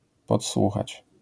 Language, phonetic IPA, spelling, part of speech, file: Polish, [pɔtˈswuxat͡ɕ], podsłuchać, verb, LL-Q809 (pol)-podsłuchać.wav